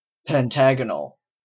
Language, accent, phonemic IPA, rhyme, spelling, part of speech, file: English, Canada, /pɛnˈtæɡənəl/, -æɡənəl, pentagonal, adjective / noun, En-ca-pentagonal.oga
- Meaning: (adjective) Of, relating to, or shaped like a pentagon; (noun) Something having the shape of a pentagon